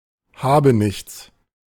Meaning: have-not
- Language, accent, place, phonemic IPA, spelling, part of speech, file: German, Germany, Berlin, /ˈhaːbəˌnɪçt͡s/, Habenichts, noun, De-Habenichts.ogg